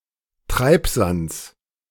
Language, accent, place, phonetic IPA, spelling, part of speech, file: German, Germany, Berlin, [ˈtʁaɪ̯pzant͡s], Treibsands, noun, De-Treibsands.ogg
- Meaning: genitive singular of Treibsand